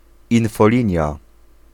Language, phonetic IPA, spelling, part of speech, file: Polish, [ˌĩnfɔˈlʲĩɲja], infolinia, noun, Pl-infolinia.ogg